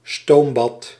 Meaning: steam bath, sauna
- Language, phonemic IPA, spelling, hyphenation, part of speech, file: Dutch, /ˈstoːm.bɑt/, stoombad, stoom‧bad, noun, Nl-stoombad.ogg